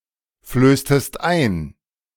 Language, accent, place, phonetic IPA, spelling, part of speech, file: German, Germany, Berlin, [ˌfløːstəst ˈaɪ̯n], flößtest ein, verb, De-flößtest ein.ogg
- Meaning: inflection of einflößen: 1. second-person singular preterite 2. second-person singular subjunctive II